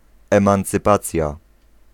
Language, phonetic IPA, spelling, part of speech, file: Polish, [ˌɛ̃mãnt͡sɨˈpat͡sʲja], emancypacja, noun, Pl-emancypacja.ogg